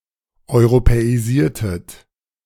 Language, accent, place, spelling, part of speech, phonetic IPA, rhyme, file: German, Germany, Berlin, europäisiertet, verb, [ɔɪ̯ʁopɛiˈziːɐ̯tət], -iːɐ̯tət, De-europäisiertet.ogg
- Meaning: inflection of europäisieren: 1. second-person plural preterite 2. second-person plural subjunctive II